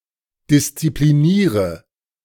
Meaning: inflection of disziplinieren: 1. first-person singular present 2. singular imperative 3. first/third-person singular subjunctive I
- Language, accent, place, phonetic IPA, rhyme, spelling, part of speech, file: German, Germany, Berlin, [dɪst͡sipliˈniːʁə], -iːʁə, diszipliniere, verb, De-diszipliniere.ogg